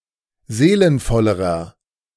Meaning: inflection of seelenvoll: 1. strong/mixed nominative masculine singular comparative degree 2. strong genitive/dative feminine singular comparative degree 3. strong genitive plural comparative degree
- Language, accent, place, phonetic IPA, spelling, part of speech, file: German, Germany, Berlin, [ˈzeːlənfɔləʁɐ], seelenvollerer, adjective, De-seelenvollerer.ogg